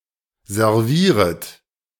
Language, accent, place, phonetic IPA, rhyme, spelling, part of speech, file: German, Germany, Berlin, [zɛʁˈviːʁət], -iːʁət, servieret, verb, De-servieret.ogg
- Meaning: second-person plural subjunctive I of servieren